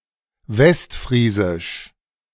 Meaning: West Frisian (language)
- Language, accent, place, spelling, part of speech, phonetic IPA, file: German, Germany, Berlin, Westfriesisch, noun, [ˈvɛstˌfʁiːzɪʃ], De-Westfriesisch.ogg